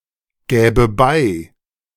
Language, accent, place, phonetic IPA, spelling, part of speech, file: German, Germany, Berlin, [ˌɡɛːbə ˈbaɪ̯], gäbe bei, verb, De-gäbe bei.ogg
- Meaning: first/third-person singular subjunctive II of beigeben